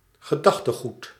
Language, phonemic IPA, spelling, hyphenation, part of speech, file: Dutch, /ɣəˈdɑx.təˌɣut/, gedachtegoed, ge‧dach‧te‧goed, noun, Nl-gedachtegoed.ogg
- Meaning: body of thought, belief system, thinking, philosophy